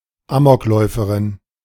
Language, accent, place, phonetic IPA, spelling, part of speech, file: German, Germany, Berlin, [ˈaːmɔkˌlɔɪ̯fəʁɪn], Amokläuferin, noun, De-Amokläuferin.ogg
- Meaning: female equivalent of Amokläufer (“gunman”)